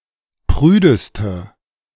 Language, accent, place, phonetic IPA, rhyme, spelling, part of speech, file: German, Germany, Berlin, [ˈpʁyːdəstə], -yːdəstə, prüdeste, adjective, De-prüdeste.ogg
- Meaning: inflection of prüde: 1. strong/mixed nominative/accusative feminine singular superlative degree 2. strong nominative/accusative plural superlative degree